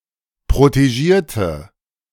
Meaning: inflection of protegieren: 1. first/third-person singular preterite 2. first/third-person singular subjunctive II
- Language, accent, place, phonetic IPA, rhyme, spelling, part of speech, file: German, Germany, Berlin, [pʁoteˈʒiːɐ̯tə], -iːɐ̯tə, protegierte, adjective / verb, De-protegierte.ogg